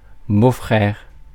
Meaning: 1. brother-in-law (brother of one's wife) 2. brother-in-law (brother of one's husband) 3. brother-in-law (husband of one's sister) 4. brother-in-law (husband of one's brother)
- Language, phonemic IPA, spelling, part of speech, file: French, /bo.fʁɛʁ/, beau-frère, noun, Fr-beau-frère.ogg